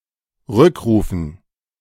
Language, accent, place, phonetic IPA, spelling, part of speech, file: German, Germany, Berlin, [ˈʁʏkˌʁuːfn̩], Rückrufen, noun, De-Rückrufen.ogg
- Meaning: dative plural of Rückruf